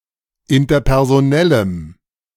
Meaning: strong dative masculine/neuter singular of interpersonell
- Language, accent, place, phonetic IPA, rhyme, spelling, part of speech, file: German, Germany, Berlin, [ɪntɐpɛʁzoˈnɛləm], -ɛləm, interpersonellem, adjective, De-interpersonellem.ogg